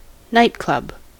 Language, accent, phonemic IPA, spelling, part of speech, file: English, US, /ˈnʌɪtklʌb/, nightclub, noun / verb, En-us-nightclub.ogg
- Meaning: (noun) 1. A public or private establishment that is open late at night to provide entertainment, food, drink, music or dancing 2. A strip club